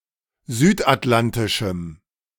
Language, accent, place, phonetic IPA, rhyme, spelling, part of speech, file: German, Germany, Berlin, [ˈzyːtʔatˌlantɪʃm̩], -antɪʃm̩, südatlantischem, adjective, De-südatlantischem.ogg
- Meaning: strong dative masculine/neuter singular of südatlantisch